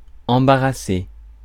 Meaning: 1. embarrass 2. clutter; block (up)
- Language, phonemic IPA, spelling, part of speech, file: French, /ɑ̃.ba.ʁa.se/, embarrasser, verb, Fr-embarrasser.ogg